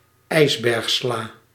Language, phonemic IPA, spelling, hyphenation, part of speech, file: Dutch, /ˈɛi̯s.bɛrxˌslaː/, ijsbergsla, ijs‧berg‧sla, noun, Nl-ijsbergsla.ogg
- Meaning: iceberg lettuce (Lactuca sativa var. capitata)